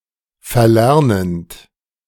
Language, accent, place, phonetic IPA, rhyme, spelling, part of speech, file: German, Germany, Berlin, [fɛɐ̯ˈlɛʁnənt], -ɛʁnənt, verlernend, verb, De-verlernend.ogg
- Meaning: present participle of verlernen